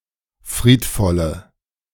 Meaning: inflection of friedvoll: 1. strong/mixed nominative/accusative feminine singular 2. strong nominative/accusative plural 3. weak nominative all-gender singular
- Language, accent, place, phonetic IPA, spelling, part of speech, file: German, Germany, Berlin, [ˈfʁiːtˌfɔlə], friedvolle, adjective, De-friedvolle.ogg